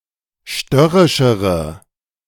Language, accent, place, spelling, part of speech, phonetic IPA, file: German, Germany, Berlin, störrischere, adjective, [ˈʃtœʁɪʃəʁə], De-störrischere.ogg
- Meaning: inflection of störrisch: 1. strong/mixed nominative/accusative feminine singular comparative degree 2. strong nominative/accusative plural comparative degree